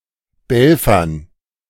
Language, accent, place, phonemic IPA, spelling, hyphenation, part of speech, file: German, Germany, Berlin, /ˈbɛlfɐn/, belfern, bel‧fern, verb, De-belfern.ogg
- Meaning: to bark